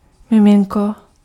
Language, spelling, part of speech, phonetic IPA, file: Czech, miminko, noun, [ˈmɪmɪŋko], Cs-miminko.ogg
- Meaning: baby